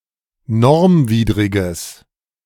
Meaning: strong/mixed nominative/accusative neuter singular of normwidrig
- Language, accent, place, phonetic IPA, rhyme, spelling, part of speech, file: German, Germany, Berlin, [ˈnɔʁmˌviːdʁɪɡəs], -ɔʁmviːdʁɪɡəs, normwidriges, adjective, De-normwidriges.ogg